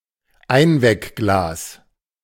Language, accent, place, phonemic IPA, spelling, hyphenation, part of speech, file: German, Germany, Berlin, /ˈaɪ̯nvɛkˌɡlaːs/, Einweckglas, Ein‧weck‧glas, noun, De-Einweckglas.ogg
- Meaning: Weck jar, Mason jar